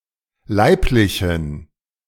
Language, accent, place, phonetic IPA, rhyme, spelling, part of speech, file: German, Germany, Berlin, [ˈlaɪ̯plɪçn̩], -aɪ̯plɪçn̩, leiblichen, adjective, De-leiblichen.ogg
- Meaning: inflection of leiblich: 1. strong genitive masculine/neuter singular 2. weak/mixed genitive/dative all-gender singular 3. strong/weak/mixed accusative masculine singular 4. strong dative plural